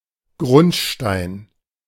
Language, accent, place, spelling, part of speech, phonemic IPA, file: German, Germany, Berlin, Grundstein, noun, /ˈɡʁʊntˌʃtaɪ̯n/, De-Grundstein.ogg
- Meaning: cornerstone, foundation stone